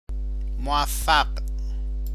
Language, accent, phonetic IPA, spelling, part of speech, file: Persian, Iran, [mo.væf.fǽɢ̥], موفق, adjective, Fa-موفق.ogg
- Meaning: successful, prosperous